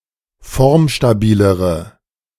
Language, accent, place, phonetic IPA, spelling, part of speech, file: German, Germany, Berlin, [ˈfɔʁmʃtaˌbiːləʁə], formstabilere, adjective, De-formstabilere.ogg
- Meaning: inflection of formstabil: 1. strong/mixed nominative/accusative feminine singular comparative degree 2. strong nominative/accusative plural comparative degree